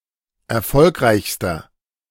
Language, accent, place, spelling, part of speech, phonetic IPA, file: German, Germany, Berlin, erfolgreichster, adjective, [ɛɐ̯ˈfɔlkʁaɪ̯çstɐ], De-erfolgreichster.ogg
- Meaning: inflection of erfolgreich: 1. strong/mixed nominative masculine singular superlative degree 2. strong genitive/dative feminine singular superlative degree 3. strong genitive plural superlative degree